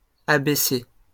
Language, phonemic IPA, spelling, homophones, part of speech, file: French, /a.be.se/, abc, abaissai / abaissé / abaissée / abaissées / abaissés, noun, LL-Q150 (fra)-abc.wav
- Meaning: ABC, basics, fundamentals, rudiments